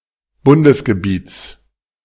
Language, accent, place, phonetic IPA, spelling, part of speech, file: German, Germany, Berlin, [ˈbʊndəsɡəˌbiːt͡s], Bundesgebiets, noun, De-Bundesgebiets.ogg
- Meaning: genitive singular of Bundesgebiet